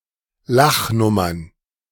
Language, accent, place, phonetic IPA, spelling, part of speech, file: German, Germany, Berlin, [ˈlaxˌnʊmɐn], Lachnummern, noun, De-Lachnummern.ogg
- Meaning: plural of Lachnummer